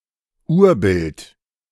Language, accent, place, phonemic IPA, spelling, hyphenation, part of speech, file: German, Germany, Berlin, /ˈuːɐ̯bɪlt/, Urbild, Ur‧bild, noun, De-Urbild.ogg
- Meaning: 1. archetype 2. exemplar 3. preimage